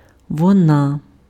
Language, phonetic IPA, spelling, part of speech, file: Ukrainian, [wɔˈna], вона, pronoun, Uk-вона.ogg
- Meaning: 1. she (person) 2. it (feminine gender)